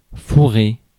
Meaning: 1. to shove, stick, stuff (dans in something) 2. to stuff (a turkey etc.); to fill (a cake) 3. to fuck, to shaft, to screw
- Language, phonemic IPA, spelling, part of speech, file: French, /fu.ʁe/, fourrer, verb, Fr-fourrer.ogg